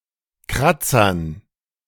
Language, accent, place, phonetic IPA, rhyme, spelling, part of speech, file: German, Germany, Berlin, [ˈkʁat͡sɐn], -at͡sɐn, Kratzern, noun, De-Kratzern.ogg
- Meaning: dative plural of Kratzer